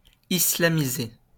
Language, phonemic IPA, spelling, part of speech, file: French, /i.sla.mi.ze/, islamiser, verb, LL-Q150 (fra)-islamiser.wav
- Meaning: to Islamize/Islamise, Islamicize (to make Islamic)